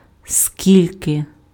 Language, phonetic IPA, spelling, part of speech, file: Ukrainian, [ˈsʲkʲilʲke], скільки, determiner, Uk-скільки.ogg
- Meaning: how much, how many (with genitive)